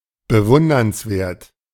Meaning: admirable
- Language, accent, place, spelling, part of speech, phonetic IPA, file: German, Germany, Berlin, bewundernswert, adjective, [bəˈvʊndɐnsˌveːɐ̯t], De-bewundernswert.ogg